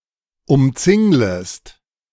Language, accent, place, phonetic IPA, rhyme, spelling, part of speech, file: German, Germany, Berlin, [ʊmˈt͡sɪŋləst], -ɪŋləst, umzinglest, verb, De-umzinglest.ogg
- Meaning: second-person singular subjunctive I of umzingeln